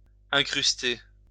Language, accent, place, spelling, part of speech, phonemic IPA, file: French, France, Lyon, incruster, verb, /ɛ̃.kʁys.te/, LL-Q150 (fra)-incruster.wav
- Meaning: 1. to embed, to inlay 2. to gatecrash, to stay (for a long time), to overstay